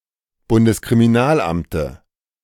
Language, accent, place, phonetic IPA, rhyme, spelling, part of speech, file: German, Germany, Berlin, [bʊndəskʁimiˈnaːlˌʔamtə], -aːlʔamtə, Bundeskriminalamte, noun, De-Bundeskriminalamte.ogg
- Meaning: dative singular of Bundeskriminalamt